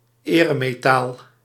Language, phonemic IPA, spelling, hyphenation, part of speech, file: Dutch, /ˈeː.rə.meːˌtaːl/, eremetaal, ere‧me‧taal, noun, Nl-eremetaal.ogg
- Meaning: medal, presented collective as a material